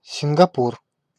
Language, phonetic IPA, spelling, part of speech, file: Russian, [sʲɪnɡɐˈpur], Сингапур, proper noun, Ru-Сингапур.ogg
- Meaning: Singapore (an island and city-state in Southeast Asia, located off the southernmost tip of the Malay Peninsula; a former British crown colony and state of Malaysia (1963-1965))